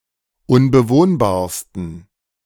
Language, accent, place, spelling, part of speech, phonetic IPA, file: German, Germany, Berlin, unbewohnbarsten, adjective, [ʊnbəˈvoːnbaːɐ̯stn̩], De-unbewohnbarsten.ogg
- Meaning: 1. superlative degree of unbewohnbar 2. inflection of unbewohnbar: strong genitive masculine/neuter singular superlative degree